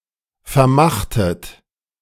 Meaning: inflection of vermachen: 1. second-person plural preterite 2. second-person plural subjunctive II
- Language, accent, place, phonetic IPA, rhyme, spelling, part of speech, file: German, Germany, Berlin, [fɛɐ̯ˈmaxtət], -axtət, vermachtet, verb, De-vermachtet.ogg